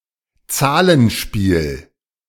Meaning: numbers game
- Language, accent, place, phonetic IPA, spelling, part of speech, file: German, Germany, Berlin, [ˈt͡saːlənˌʃpiːl], Zahlenspiel, noun, De-Zahlenspiel.ogg